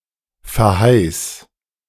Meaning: singular imperative of verheißen
- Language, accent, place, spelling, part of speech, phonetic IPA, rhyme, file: German, Germany, Berlin, verheiß, verb, [fɛɐ̯ˈhaɪ̯s], -aɪ̯s, De-verheiß.ogg